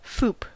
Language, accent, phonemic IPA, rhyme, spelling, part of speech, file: English, US, /fuːp/, -uːp, FOUP, noun, En-us-FOUP.ogg
- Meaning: Initialism of Front Opening Unified Pod